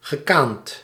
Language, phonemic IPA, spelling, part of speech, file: Dutch, /ɣəˈkant/, gekaand, verb, Nl-gekaand.ogg
- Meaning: past participle of kanen